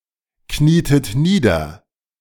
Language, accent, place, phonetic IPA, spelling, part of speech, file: German, Germany, Berlin, [ˌkniːtət ˈniːdɐ], knietet nieder, verb, De-knietet nieder.ogg
- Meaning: inflection of niederknieen: 1. second-person plural preterite 2. second-person plural subjunctive II